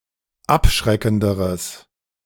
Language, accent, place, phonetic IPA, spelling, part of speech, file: German, Germany, Berlin, [ˈapˌʃʁɛkn̩dəʁəs], abschreckenderes, adjective, De-abschreckenderes.ogg
- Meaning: strong/mixed nominative/accusative neuter singular comparative degree of abschreckend